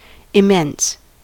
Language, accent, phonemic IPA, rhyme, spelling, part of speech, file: English, US, /ɪˈmɛns/, -ɛns, immense, adjective / noun, En-us-immense.ogg
- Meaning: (adjective) 1. Huge, gigantic, very large 2. Supremely good 3. Major; to a great degree; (noun) Immense extent or expanse; immensity